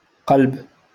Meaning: 1. heart 2. core
- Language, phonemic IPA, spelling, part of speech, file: Moroccan Arabic, /qalb/, قلب, noun, LL-Q56426 (ary)-قلب.wav